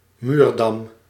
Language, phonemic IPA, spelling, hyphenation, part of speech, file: Dutch, /ˈmyːr.dɑm/, muurdam, muur‧dam, noun, Nl-muurdam.ogg
- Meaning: pier (piece of wall between two frames or openings, such as windows or doors)